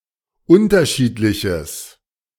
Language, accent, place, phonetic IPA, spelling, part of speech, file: German, Germany, Berlin, [ˈʊntɐˌʃiːtlɪçəs], unterschiedliches, adjective, De-unterschiedliches.ogg
- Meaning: strong/mixed nominative/accusative neuter singular of unterschiedlich